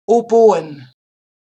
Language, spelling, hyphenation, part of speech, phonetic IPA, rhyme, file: German, Oboen, O‧bo‧en, noun, [oˈboːən], -oːən, DE-Oboen.ogg
- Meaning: plural of Oboe